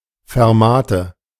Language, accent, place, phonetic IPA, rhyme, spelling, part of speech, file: German, Germany, Berlin, [fɛʁˈmaːtə], -aːtə, Fermate, noun, De-Fermate.ogg
- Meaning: fermata